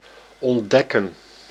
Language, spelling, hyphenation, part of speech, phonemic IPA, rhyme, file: Dutch, ontdekken, ont‧dek‧ken, verb, /ɔnˈdɛ.kən/, -ɛkən, Nl-ontdekken.ogg
- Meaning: to discover